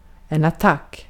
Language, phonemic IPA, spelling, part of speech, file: Swedish, /aˈtak/, attack, noun, Sv-attack.ogg
- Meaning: 1. attack; an attempt to cause damage 2. attack; offense of a battle